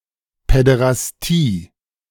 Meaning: pederasty
- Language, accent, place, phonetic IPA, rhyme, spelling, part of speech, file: German, Germany, Berlin, [pɛdeʁasˈtiː], -iː, Päderastie, noun, De-Päderastie.ogg